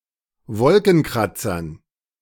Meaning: dative plural of Wolkenkratzer
- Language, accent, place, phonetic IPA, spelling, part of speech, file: German, Germany, Berlin, [ˈvɔlkn̩ˌkʁat͡sɐn], Wolkenkratzern, noun, De-Wolkenkratzern.ogg